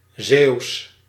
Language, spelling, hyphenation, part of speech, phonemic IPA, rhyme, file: Dutch, Zeeuws, Zeeuws, adjective / proper noun, /zeːu̯s/, -eːu̯s, Nl-Zeeuws.ogg
- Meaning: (adjective) of or related to Zeeland; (proper noun) Zealandic or Zeelandic, language/dialect spoken in Zealand, a province in the Netherlands